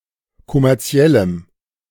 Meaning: strong dative masculine/neuter singular of kommerziell
- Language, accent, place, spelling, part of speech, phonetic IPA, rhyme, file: German, Germany, Berlin, kommerziellem, adjective, [kɔmɛʁˈt͡si̯ɛləm], -ɛləm, De-kommerziellem.ogg